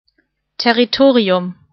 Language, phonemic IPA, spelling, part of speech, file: German, /tɛʁiˈtoːʁiʊm/, Territorium, noun, De-Territorium.ogg
- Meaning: territory